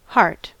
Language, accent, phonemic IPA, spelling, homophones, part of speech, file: English, US, /hɑɹt/, hart, Hart / heart, noun, En-us-hart.ogg
- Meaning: 1. A male deer, especially the male of the red deer after his fifth year 2. The meat from this animal 3. The stag of any deer species 4. Obsolete spelling of heart